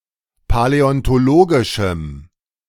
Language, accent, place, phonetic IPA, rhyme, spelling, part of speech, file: German, Germany, Berlin, [palɛɔntoˈloːɡɪʃm̩], -oːɡɪʃm̩, paläontologischem, adjective, De-paläontologischem.ogg
- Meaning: strong dative masculine/neuter singular of paläontologisch